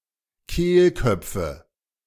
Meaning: nominative/accusative/genitive plural of Kehlkopf
- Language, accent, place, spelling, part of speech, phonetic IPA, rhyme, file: German, Germany, Berlin, Kehlköpfe, noun, [ˈkeːlˌkœp͡fə], -eːlkœp͡fə, De-Kehlköpfe.ogg